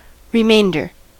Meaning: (noun) A part or parts remaining after some has/have been removed or already occurred
- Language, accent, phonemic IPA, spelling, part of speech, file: English, US, /ɹəˈmeɪndɚ/, remainder, noun / adjective / verb, En-us-remainder.ogg